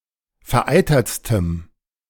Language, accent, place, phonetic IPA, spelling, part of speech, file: German, Germany, Berlin, [fɛɐ̯ˈʔaɪ̯tɐt͡stəm], vereitertstem, adjective, De-vereitertstem.ogg
- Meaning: strong dative masculine/neuter singular superlative degree of vereitert